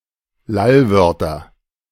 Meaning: nominative/accusative/genitive plural of Lallwort
- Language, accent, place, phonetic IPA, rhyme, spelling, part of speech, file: German, Germany, Berlin, [ˈlalˌvœʁtɐ], -alvœʁtɐ, Lallwörter, noun, De-Lallwörter.ogg